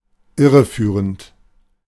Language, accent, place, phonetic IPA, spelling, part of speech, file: German, Germany, Berlin, [ˈɪʁəˌfyːʁənt], irreführend, adjective / verb, De-irreführend.ogg
- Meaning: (verb) present participle of irreführen; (adjective) misleading